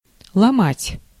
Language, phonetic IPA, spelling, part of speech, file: Russian, [ɫɐˈmatʲ], ломать, verb, Ru-ломать.ogg
- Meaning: 1. to break, to fracture 2. to quarry (stone) 3. to rack, to cause to ache 4. to cause (someone) to lose spirit or will